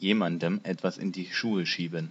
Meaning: to lay something at the feet of someone
- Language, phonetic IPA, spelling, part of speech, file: German, [ˈjeːmandm̩ ˈɛtvas ɪn diː ˈʃuːə ˈʃiːbn̩], jemandem etwas in die Schuhe schieben, phrase, De-jemandem etwas in die Schuhe schieben.ogg